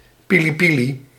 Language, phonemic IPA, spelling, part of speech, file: Dutch, /piliˈpili/, pilipili, noun, Nl-pilipili.ogg
- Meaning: alternative form of piri-piri; the common term in Belgium